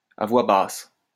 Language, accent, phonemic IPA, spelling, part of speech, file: French, France, /a vwa bas/, à voix basse, adverb, LL-Q150 (fra)-à voix basse.wav
- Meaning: under one's breath